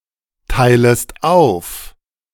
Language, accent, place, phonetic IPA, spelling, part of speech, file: German, Germany, Berlin, [ˌtaɪ̯ləst ˈaʊ̯f], teilest auf, verb, De-teilest auf.ogg
- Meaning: second-person singular subjunctive I of aufteilen